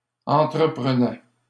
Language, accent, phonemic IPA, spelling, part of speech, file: French, Canada, /ɑ̃.tʁə.pʁə.nɛ/, entreprenaient, verb, LL-Q150 (fra)-entreprenaient.wav
- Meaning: third-person plural imperfect indicative of entreprendre